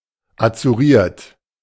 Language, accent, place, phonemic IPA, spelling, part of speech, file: German, Germany, Berlin, /at͡suˈʁiːɐ̯t/, azuriert, adjective, De-azuriert.ogg
- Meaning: marked with wavy blue lines to impede forgery or counterfeiting